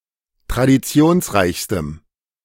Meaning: strong dative masculine/neuter singular superlative degree of traditionsreich
- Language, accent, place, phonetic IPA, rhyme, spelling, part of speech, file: German, Germany, Berlin, [tʁadiˈt͡si̯oːnsˌʁaɪ̯çstəm], -oːnsʁaɪ̯çstəm, traditionsreichstem, adjective, De-traditionsreichstem.ogg